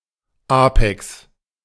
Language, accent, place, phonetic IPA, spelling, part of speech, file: German, Germany, Berlin, [ˈaːpɛks], Apex, noun, De-Apex.ogg
- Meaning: apex